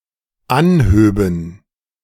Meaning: first/third-person plural dependent subjunctive II of anheben
- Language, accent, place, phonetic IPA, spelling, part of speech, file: German, Germany, Berlin, [ˈanˌhøːbn̩], anhöben, verb, De-anhöben.ogg